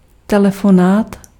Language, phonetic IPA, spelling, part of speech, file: Czech, [ˈtɛlɛfonaːt], telefonát, noun, Cs-telefonát.ogg
- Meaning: telephone call